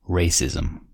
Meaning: The belief that there are distinct human races with inherent differences which determine their abilities, and generally that some are superior and others inferior
- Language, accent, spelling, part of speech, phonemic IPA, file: English, US, racism, noun, /ˈɹeɪsɪzm̩/, En-us-racism.ogg